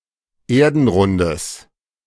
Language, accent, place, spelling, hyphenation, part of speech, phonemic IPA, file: German, Germany, Berlin, Erdenrundes, Er‧den‧run‧des, noun, /ˈeːɐ̯dn̩ˌʁʊndəs/, De-Erdenrundes.ogg
- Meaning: genitive singular of Erdenrund